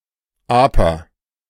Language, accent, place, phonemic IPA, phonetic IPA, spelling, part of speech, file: German, Germany, Berlin, /ˈaːpər/, [ˈʔaː.pɐ], aper, adjective, De-aper.ogg
- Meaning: snowless